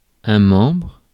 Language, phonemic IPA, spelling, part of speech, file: French, /mɑ̃bʁ/, membre, noun, Fr-membre.ogg
- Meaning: 1. member (of a group or organization) 2. limb, member 3. member, penis